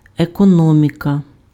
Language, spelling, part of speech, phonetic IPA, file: Ukrainian, економіка, noun, [ekɔˈnɔmʲikɐ], Uk-економіка.ogg
- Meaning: 1. economy (production and distribution and consumption) 2. economics